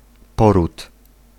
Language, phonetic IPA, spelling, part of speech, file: Polish, [ˈpɔrut], poród, noun, Pl-poród.ogg